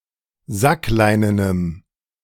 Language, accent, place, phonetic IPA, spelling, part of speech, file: German, Germany, Berlin, [ˈzakˌlaɪ̯nənəm], sackleinenem, adjective, De-sackleinenem.ogg
- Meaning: strong dative masculine/neuter singular of sackleinen